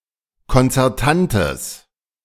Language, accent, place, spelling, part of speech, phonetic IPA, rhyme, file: German, Germany, Berlin, konzertantes, adjective, [kɔnt͡sɛʁˈtantəs], -antəs, De-konzertantes.ogg
- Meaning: strong/mixed nominative/accusative neuter singular of konzertant